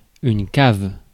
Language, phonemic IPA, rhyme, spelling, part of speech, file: French, /kav/, -av, cave, adjective / noun, Fr-cave.ogg
- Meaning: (adjective) 1. pitted 2. concave 3. cavernous; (noun) 1. a cellar or basement 2. a wine cellar; or, a piece of furniture that serves the purpose of a wine cellar 3. a wine selection